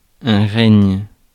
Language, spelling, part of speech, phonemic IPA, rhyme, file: French, règne, noun / verb, /ʁɛɲ/, -ɛɲ, Fr-règne.ogg
- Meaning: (noun) 1. reign, ruling, rule (period of reigning or ruling) 2. kingship, royalty 3. realm, state, kingdom 4. control, governance, regulation 5. ascendancy, ascendance